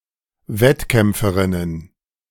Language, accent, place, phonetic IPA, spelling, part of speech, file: German, Germany, Berlin, [ˈvɛtˌkɛmp͡fəʁɪnən], Wettkämpferinnen, noun, De-Wettkämpferinnen.ogg
- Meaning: plural of Wettkämpferin